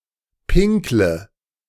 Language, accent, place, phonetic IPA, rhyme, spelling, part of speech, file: German, Germany, Berlin, [ˈpɪŋklə], -ɪŋklə, pinkle, verb, De-pinkle.ogg
- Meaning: inflection of pinkeln: 1. first-person singular present 2. singular imperative 3. first/third-person singular subjunctive I